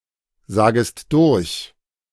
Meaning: second-person singular subjunctive I of durchsagen
- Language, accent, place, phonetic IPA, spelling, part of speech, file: German, Germany, Berlin, [ˌzaːɡəst ˈdʊʁç], sagest durch, verb, De-sagest durch.ogg